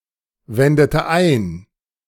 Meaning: inflection of einwenden: 1. first/third-person singular preterite 2. first/third-person singular subjunctive II
- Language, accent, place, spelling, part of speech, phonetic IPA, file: German, Germany, Berlin, wendete ein, verb, [ˌvɛndətə ˈaɪ̯n], De-wendete ein.ogg